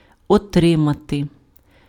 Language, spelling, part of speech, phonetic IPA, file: Ukrainian, отримати, verb, [ɔˈtrɪmɐte], Uk-отримати.ogg
- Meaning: to receive